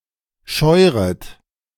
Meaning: second-person plural subjunctive I of scheuern
- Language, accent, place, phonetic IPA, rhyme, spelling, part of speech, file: German, Germany, Berlin, [ˈʃɔɪ̯ʁət], -ɔɪ̯ʁət, scheuret, verb, De-scheuret.ogg